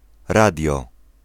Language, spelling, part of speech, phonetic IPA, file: Polish, radio, noun, [ˈradʲjɔ], Pl-radio.ogg